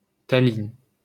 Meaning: Tallinn (the capital city of Estonia)
- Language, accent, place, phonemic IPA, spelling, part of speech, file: French, France, Paris, /ta.lin/, Tallinn, proper noun, LL-Q150 (fra)-Tallinn.wav